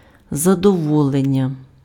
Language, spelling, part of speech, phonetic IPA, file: Ukrainian, задоволення, noun, [zɐdɔˈwɔɫenʲːɐ], Uk-задоволення.ogg
- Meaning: 1. satisfaction (fulfilment of a need or desire) 2. satisfaction (pleasure obtained by such fulfilment)